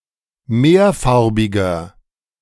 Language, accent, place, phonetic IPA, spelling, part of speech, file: German, Germany, Berlin, [ˈmeːɐ̯ˌfaʁbɪɡɐ], mehrfarbiger, adjective, De-mehrfarbiger.ogg
- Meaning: inflection of mehrfarbig: 1. strong/mixed nominative masculine singular 2. strong genitive/dative feminine singular 3. strong genitive plural